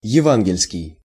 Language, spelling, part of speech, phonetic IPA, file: Russian, евангельский, adjective, [(j)ɪˈvanɡʲɪlʲskʲɪj], Ru-евангельский.ogg
- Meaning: evangelical; (relational) gospel